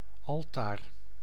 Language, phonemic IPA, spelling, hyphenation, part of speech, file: Dutch, /ˈɑl.taːr/, altaar, al‧taar, noun, Nl-altaar.ogg
- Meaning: altar